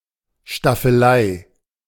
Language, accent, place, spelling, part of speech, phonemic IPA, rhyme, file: German, Germany, Berlin, Staffelei, noun, /ʃtafəˈlaɪ̯/, -aɪ̯, De-Staffelei.ogg
- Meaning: easel